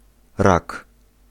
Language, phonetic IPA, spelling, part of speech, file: Polish, [rak], rak, noun, Pl-rak.ogg